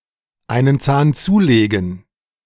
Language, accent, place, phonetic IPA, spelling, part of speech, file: German, Germany, Berlin, [ˈaɪ̯nən t͡saːn ˈt͡suːˌleːɡŋ̍], einen Zahn zulegen, verb, De-einen Zahn zulegen.ogg
- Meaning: to hurry up